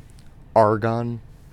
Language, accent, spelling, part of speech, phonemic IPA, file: English, US, argon, noun, /ˈɑːɹɡɒn/, En-us-argon.ogg
- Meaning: 1. The chemical element (symbol Ar) with an atomic number of 18. The third most abundant gas in the Earth's atmosphere, it is a colourless, odourless, inert noble gas 2. An atom of this element